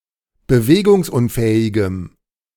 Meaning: strong dative masculine/neuter singular of bewegungsunfähig
- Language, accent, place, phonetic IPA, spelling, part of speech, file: German, Germany, Berlin, [bəˈveːɡʊŋsˌʔʊnfɛːɪɡəm], bewegungsunfähigem, adjective, De-bewegungsunfähigem.ogg